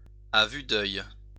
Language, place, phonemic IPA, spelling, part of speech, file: French, Lyon, /a vy d‿œj/, à vue d'œil, adverb, LL-Q150 (fra)-à vue d'œil.wav
- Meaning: right before one's eyes, visibly, noticeably, before one's very eyes, by the minute